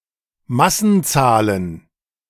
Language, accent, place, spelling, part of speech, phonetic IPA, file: German, Germany, Berlin, Massenzahlen, noun, [ˈmasn̩ˌt͡saːlən], De-Massenzahlen.ogg
- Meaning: plural of Massenzahl